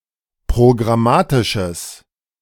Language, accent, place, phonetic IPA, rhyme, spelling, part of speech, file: German, Germany, Berlin, [pʁoɡʁaˈmaːtɪʃəs], -aːtɪʃəs, programmatisches, adjective, De-programmatisches.ogg
- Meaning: strong/mixed nominative/accusative neuter singular of programmatisch